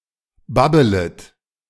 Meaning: second-person plural subjunctive I of babbeln
- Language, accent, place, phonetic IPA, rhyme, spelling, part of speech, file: German, Germany, Berlin, [ˈbabələt], -abələt, babbelet, verb, De-babbelet.ogg